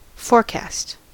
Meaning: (verb) 1. To estimate how something will be in the future 2. To foreshadow; to suggest something in advance 3. To contrive or plan beforehand; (noun) An estimation of a future condition
- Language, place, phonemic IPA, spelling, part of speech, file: English, California, /ˈfɔɹkæst/, forecast, verb / noun, En-us-forecast.ogg